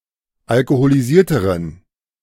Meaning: inflection of alkoholisiert: 1. strong genitive masculine/neuter singular comparative degree 2. weak/mixed genitive/dative all-gender singular comparative degree
- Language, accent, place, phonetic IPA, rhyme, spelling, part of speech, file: German, Germany, Berlin, [alkoholiˈziːɐ̯təʁən], -iːɐ̯təʁən, alkoholisierteren, adjective, De-alkoholisierteren.ogg